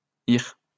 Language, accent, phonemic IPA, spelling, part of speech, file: French, France, /iʁ/, -ir, suffix, LL-Q150 (fra)--ir.wav
- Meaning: forms the infinitives of many verbs